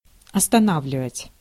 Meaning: 1. to stop, to bring to stop 2. to stop short, to restrain 3. to fix, to direct, to concentrate
- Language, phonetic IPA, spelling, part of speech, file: Russian, [ɐstɐˈnavlʲɪvətʲ], останавливать, verb, Ru-останавливать.ogg